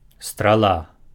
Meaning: arrow (projectile)
- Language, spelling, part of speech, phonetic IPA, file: Belarusian, страла, noun, [straˈɫa], Be-страла.ogg